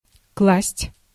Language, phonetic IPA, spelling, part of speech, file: Russian, [kɫasʲtʲ], класть, verb, Ru-класть.ogg
- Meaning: 1. to put, to lay, to lay down, to deposit 2. to apply 3. to spend 4. to erect